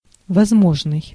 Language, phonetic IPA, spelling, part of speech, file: Russian, [vɐzˈmoʐnɨj], возможный, adjective, Ru-возможный.ogg
- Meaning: possible, probable (able but not certain to happen)